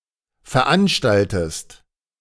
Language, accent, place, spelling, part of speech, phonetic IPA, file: German, Germany, Berlin, veranstaltest, verb, [fɛɐ̯ˈʔanʃtaltəst], De-veranstaltest.ogg
- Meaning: inflection of veranstalten: 1. second-person singular present 2. second-person singular subjunctive I